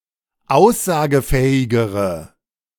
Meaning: inflection of aussagefähig: 1. strong/mixed nominative/accusative feminine singular comparative degree 2. strong nominative/accusative plural comparative degree
- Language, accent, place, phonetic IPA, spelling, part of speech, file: German, Germany, Berlin, [ˈaʊ̯szaːɡəˌfɛːɪɡəʁə], aussagefähigere, adjective, De-aussagefähigere.ogg